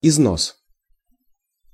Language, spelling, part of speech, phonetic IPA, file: Russian, износ, noun, [ɪzˈnos], Ru-износ.ogg
- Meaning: 1. wear, deterioration 2. rape